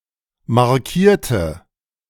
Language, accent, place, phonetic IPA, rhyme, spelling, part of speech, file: German, Germany, Berlin, [maʁˈkiːɐ̯tə], -iːɐ̯tə, markierte, adjective / verb, De-markierte.ogg
- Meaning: inflection of markieren: 1. first/third-person singular preterite 2. first/third-person singular subjunctive II